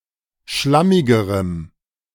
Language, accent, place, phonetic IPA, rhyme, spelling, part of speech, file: German, Germany, Berlin, [ˈʃlamɪɡəʁəm], -amɪɡəʁəm, schlammigerem, adjective, De-schlammigerem.ogg
- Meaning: strong dative masculine/neuter singular comparative degree of schlammig